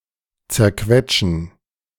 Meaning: to crush
- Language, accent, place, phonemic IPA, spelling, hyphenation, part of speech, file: German, Germany, Berlin, /t͡sɛʁˈkvɛt͡ʃn̩/, zerquetschen, zer‧quet‧schen, verb, De-zerquetschen.ogg